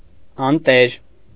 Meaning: 1. ownerless, no man's; unattended; abandoned 2. damned, darned
- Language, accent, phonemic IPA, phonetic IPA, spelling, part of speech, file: Armenian, Eastern Armenian, /ɑnˈteɾ/, [ɑntéɾ], անտեր, adjective, Hy-անտեր.ogg